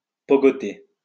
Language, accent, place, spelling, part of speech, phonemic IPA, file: French, France, Lyon, pogoter, verb, /pɔ.ɡɔ.te/, LL-Q150 (fra)-pogoter.wav
- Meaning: to dance the pogo